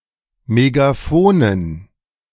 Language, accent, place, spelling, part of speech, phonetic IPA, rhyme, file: German, Germany, Berlin, Megaphonen, noun, [meɡaˈfoːnən], -oːnən, De-Megaphonen.ogg
- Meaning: dative plural of Megaphon